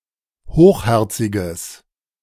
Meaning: strong/mixed nominative/accusative neuter singular of hochherzig
- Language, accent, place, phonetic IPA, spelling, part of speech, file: German, Germany, Berlin, [ˈhoːxˌhɛʁt͡sɪɡəs], hochherziges, adjective, De-hochherziges.ogg